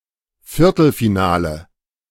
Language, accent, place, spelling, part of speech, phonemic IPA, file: German, Germany, Berlin, Viertelfinale, noun, /ˈfɪʁtl̩fiˌnaːlə/, De-Viertelfinale.ogg
- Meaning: quarter-final